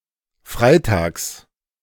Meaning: 1. on Fridays, every Friday 2. on (the next or last) Friday
- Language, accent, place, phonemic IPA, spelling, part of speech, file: German, Germany, Berlin, /ˈfʁaɪ̯ˌtaːks/, freitags, adverb, De-freitags.ogg